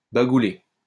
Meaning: to say, tell
- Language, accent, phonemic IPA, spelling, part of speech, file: French, France, /ba.ɡu.le/, bagouler, verb, LL-Q150 (fra)-bagouler.wav